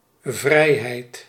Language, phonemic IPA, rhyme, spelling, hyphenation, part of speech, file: Dutch, /ˈvrɛi̯.ɦɛi̯t/, -ɛi̯ɦɛi̯t, vrijheid, vrij‧heid, noun, Nl-vrijheid.ogg
- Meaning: freedom